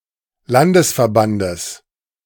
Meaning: genitive singular of Landesverband
- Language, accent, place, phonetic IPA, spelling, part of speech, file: German, Germany, Berlin, [ˈlandəsfɛɐ̯ˌbandəs], Landesverbandes, noun, De-Landesverbandes.ogg